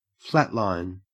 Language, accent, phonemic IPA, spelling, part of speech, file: English, Australia, /ˈflætˌlaɪn/, flatline, noun / verb, En-au-flatline.ogg
- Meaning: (noun) An asystole; the absence of heart contractions or brain waves.: The disappearance of the rhythmic peaks displayed on a heart monitor